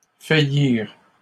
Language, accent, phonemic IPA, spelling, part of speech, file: French, Canada, /fa.jiʁ/, faillirent, verb, LL-Q150 (fra)-faillirent.wav
- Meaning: third-person plural past historic of faillir